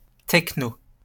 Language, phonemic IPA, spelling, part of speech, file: French, /tɛk.no/, techno, noun, LL-Q150 (fra)-techno.wav
- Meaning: techno